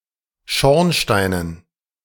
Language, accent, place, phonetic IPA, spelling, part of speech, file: German, Germany, Berlin, [ˈʃɔʁnˌʃtaɪ̯nən], Schornsteinen, noun, De-Schornsteinen.ogg
- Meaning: dative plural of Schornstein